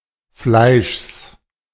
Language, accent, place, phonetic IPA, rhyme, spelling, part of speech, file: German, Germany, Berlin, [flaɪ̯ʃs], -aɪ̯ʃs, Fleischs, noun, De-Fleischs.ogg
- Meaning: genitive singular of Fleisch